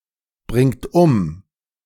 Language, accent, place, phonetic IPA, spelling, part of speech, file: German, Germany, Berlin, [ˌbʁɪŋt ˈʊm], bringt um, verb, De-bringt um.ogg
- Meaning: inflection of umbringen: 1. third-person singular present 2. second-person plural present 3. plural imperative